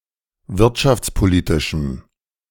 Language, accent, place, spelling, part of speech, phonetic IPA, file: German, Germany, Berlin, wirtschaftspolitischem, adjective, [ˈvɪʁtʃaft͡sˌpoˌliːtɪʃm̩], De-wirtschaftspolitischem.ogg
- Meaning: strong dative masculine/neuter singular of wirtschaftspolitisch